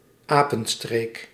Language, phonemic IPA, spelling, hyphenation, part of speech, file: Dutch, /ˈaː.pə(n)ˌstreːk/, apenstreek, apen‧streek, noun, Nl-apenstreek.ogg
- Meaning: monkey business, prank